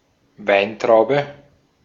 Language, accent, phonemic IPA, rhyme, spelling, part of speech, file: German, Austria, /ˈvaɪ̯ntʁaʊ̯bə/, -aʊ̯bə, Weintraube, noun, De-at-Weintraube.ogg
- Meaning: 1. grape; wine-grape 2. bunch of grapes